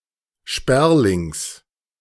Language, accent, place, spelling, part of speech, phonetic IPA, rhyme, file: German, Germany, Berlin, Sperlings, noun, [ˈʃpɛʁlɪŋs], -ɛʁlɪŋs, De-Sperlings.ogg
- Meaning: genitive of Sperling